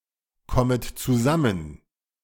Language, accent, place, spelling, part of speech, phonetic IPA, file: German, Germany, Berlin, kommet zusammen, verb, [ˌkɔmət t͡suˈzamən], De-kommet zusammen.ogg
- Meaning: second-person plural subjunctive I of zusammenkommen